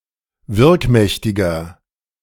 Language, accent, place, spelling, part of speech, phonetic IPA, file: German, Germany, Berlin, wirkmächtiger, adjective, [ˈvɪʁkˌmɛçtɪɡɐ], De-wirkmächtiger.ogg
- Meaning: 1. comparative degree of wirkmächtig 2. inflection of wirkmächtig: strong/mixed nominative masculine singular 3. inflection of wirkmächtig: strong genitive/dative feminine singular